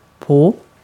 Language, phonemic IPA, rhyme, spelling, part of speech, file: Swedish, /poː/, -oː, på, preposition / adjective, Sv-på.ogg
- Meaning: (preposition) 1. on, on top of; touching from above 2. on, against, touching; hanging from or being attached to (a vertical surface) 3. on (a certain day)